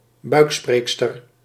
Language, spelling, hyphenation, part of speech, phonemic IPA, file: Dutch, buikspreekster, buik‧spreek‧ster, noun, /ˈbœy̯kˌspreːk.stər/, Nl-buikspreekster.ogg
- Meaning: a female ventriloquist